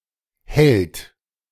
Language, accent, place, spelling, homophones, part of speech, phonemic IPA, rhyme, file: German, Germany, Berlin, hält, Held / hellt, verb, /hɛlt/, -ɛlt, De-hält.ogg
- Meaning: third-person singular present of halten